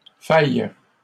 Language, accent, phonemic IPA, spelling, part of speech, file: French, Canada, /faj/, faillent, verb, LL-Q150 (fra)-faillent.wav
- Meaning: third-person plural present indicative/subjunctive of faillir